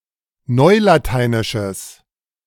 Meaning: strong/mixed nominative/accusative neuter singular of neulateinisch
- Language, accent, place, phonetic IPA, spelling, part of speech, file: German, Germany, Berlin, [ˈnɔɪ̯lataɪ̯nɪʃəs], neulateinisches, adjective, De-neulateinisches.ogg